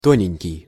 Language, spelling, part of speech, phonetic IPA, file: Russian, тоненький, adjective, [ˈtonʲɪnʲkʲɪj], Ru-тоненький.ogg
- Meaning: diminutive of то́нкий (tónkij, “thin”): very thin